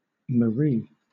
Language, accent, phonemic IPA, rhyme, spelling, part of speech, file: English, Southern England, /məˈɹiː/, -iː, Marie, proper noun, LL-Q1860 (eng)-Marie.wav
- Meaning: A female given name from Hebrew